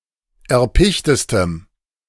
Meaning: strong dative masculine/neuter singular superlative degree of erpicht
- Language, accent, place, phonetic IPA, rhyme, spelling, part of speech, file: German, Germany, Berlin, [ɛɐ̯ˈpɪçtəstəm], -ɪçtəstəm, erpichtestem, adjective, De-erpichtestem.ogg